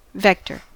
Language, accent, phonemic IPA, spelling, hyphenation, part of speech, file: English, US, /ˈvɛktɚ/, vector, vec‧tor, noun / verb, En-us-vector.ogg
- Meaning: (noun) A directed quantity, one with both magnitude and direction; the signed difference between two points